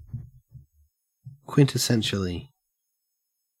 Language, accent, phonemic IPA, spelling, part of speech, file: English, Australia, /ˌkwɪntɪˈsɛnʃəli/, quintessentially, adverb, En-au-quintessentially.ogg
- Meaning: In a manner that is typical or characteristic of a thing's nature